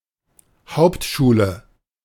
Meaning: a type of basic secondary school in Germany that follows elementary school but does not qualify for higher university education
- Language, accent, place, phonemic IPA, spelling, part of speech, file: German, Germany, Berlin, /ˈhaʊ̯ptʃuːlə/, Hauptschule, noun, De-Hauptschule.ogg